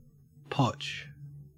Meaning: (verb) 1. To thrust 2. To trample; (noun) A type of rough opal without colour, and therefore not worth selling; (verb) To bleach rags in paper-making
- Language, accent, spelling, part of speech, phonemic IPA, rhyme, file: English, Australia, potch, verb / noun, /pɒt͡ʃ/, -ɒtʃ, En-au-potch.ogg